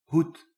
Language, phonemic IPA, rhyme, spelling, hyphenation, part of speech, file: Dutch, /ɦut/, -ut, hoed, hoed, noun / verb, Nl-hoed.ogg
- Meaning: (noun) 1. a hat, worn on the head 2. a cover, protecting something else; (verb) inflection of hoeden: 1. first-person singular present indicative 2. second-person singular present indicative